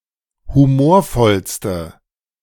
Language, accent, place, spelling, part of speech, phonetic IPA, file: German, Germany, Berlin, humorvollste, adjective, [huˈmoːɐ̯ˌfɔlstə], De-humorvollste.ogg
- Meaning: inflection of humorvoll: 1. strong/mixed nominative/accusative feminine singular superlative degree 2. strong nominative/accusative plural superlative degree